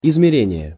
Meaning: 1. measurement, measuring, gauging 2. dimension, size 3. survey 4. sounding, fathoming 5. determination
- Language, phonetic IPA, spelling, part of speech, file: Russian, [ɪzmʲɪˈrʲenʲɪje], измерение, noun, Ru-измерение.ogg